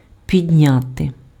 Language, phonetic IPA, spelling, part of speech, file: Ukrainian, [pʲidʲˈnʲate], підняти, verb, Uk-підняти.ogg
- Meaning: to raise, to elevate; to increase